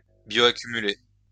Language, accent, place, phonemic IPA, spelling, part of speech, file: French, France, Lyon, /bjo.a.ky.my.le/, bioaccumuler, verb, LL-Q150 (fra)-bioaccumuler.wav
- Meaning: to bioaccumulate